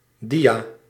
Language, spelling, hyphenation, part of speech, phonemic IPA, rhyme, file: Dutch, dia, dia, noun, /ˈdi.aː/, -iaː, Nl-dia.ogg
- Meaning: slide